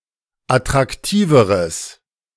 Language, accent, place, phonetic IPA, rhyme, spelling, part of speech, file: German, Germany, Berlin, [atʁakˈtiːvəʁəs], -iːvəʁəs, attraktiveres, adjective, De-attraktiveres.ogg
- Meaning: strong/mixed nominative/accusative neuter singular comparative degree of attraktiv